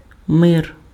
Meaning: 1. peace 2. world
- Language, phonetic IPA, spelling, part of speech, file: Ukrainian, [mɪr], мир, noun, Uk-мир.ogg